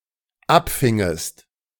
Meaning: second-person singular dependent subjunctive II of abfangen
- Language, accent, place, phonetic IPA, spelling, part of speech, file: German, Germany, Berlin, [ˈapˌfɪŋəst], abfingest, verb, De-abfingest.ogg